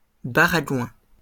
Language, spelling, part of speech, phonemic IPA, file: French, baragouin, noun, /ba.ʁa.ɡwɛ̃/, LL-Q150 (fra)-baragouin.wav
- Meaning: gibberish (unintelligible speech or writing)